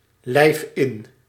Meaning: inflection of inlijven: 1. first-person singular present indicative 2. second-person singular present indicative 3. imperative
- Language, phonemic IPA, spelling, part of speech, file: Dutch, /lɛɪf ɪn/, lijf in, verb, Nl-lijf in.ogg